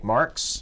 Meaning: 1. A surname from German 2. A surname from German: Karl Marx (1818–1883), a German political philosopher, economist, and sociologist
- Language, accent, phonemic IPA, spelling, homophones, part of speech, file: English, US, /mɑɹks/, Marx, marks / marques, proper noun, En-us-Marx.ogg